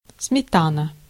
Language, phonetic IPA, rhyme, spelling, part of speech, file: Russian, [smʲɪˈtanə], -anə, сметана, noun, Ru-сметана.ogg
- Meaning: sour cream; smetana